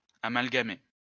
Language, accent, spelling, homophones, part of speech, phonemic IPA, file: French, France, amalgamer, amalgamai / amalgamé / amalgamée / amalgamées / amalgamés / amalgamez, verb, /a.mal.ɡa.me/, LL-Q150 (fra)-amalgamer.wav
- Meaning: to amalgamate